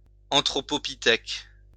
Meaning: anthropopithecus
- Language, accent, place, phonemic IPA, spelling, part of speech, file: French, France, Lyon, /ɑ̃.tʁɔ.pɔ.pi.tɛk/, anthropopithèque, noun, LL-Q150 (fra)-anthropopithèque.wav